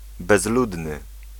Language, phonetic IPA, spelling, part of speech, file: Polish, [bɛzˈludnɨ], bezludny, adjective, Pl-bezludny.ogg